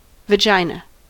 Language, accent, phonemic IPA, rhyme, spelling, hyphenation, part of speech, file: English, US, /vəˈdʒaɪ.nə/, -aɪnə, vagina, va‧gi‧na, noun, En-us-vagina.ogg
- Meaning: A sex organ for copulation and birth, found in female therian mammals, consisting of a passage between the vulval vestibule and the cervix of the uterus